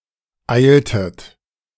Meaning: inflection of eilen: 1. second-person plural preterite 2. second-person plural subjunctive II
- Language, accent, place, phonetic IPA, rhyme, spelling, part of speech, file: German, Germany, Berlin, [ˈaɪ̯ltət], -aɪ̯ltət, eiltet, verb, De-eiltet.ogg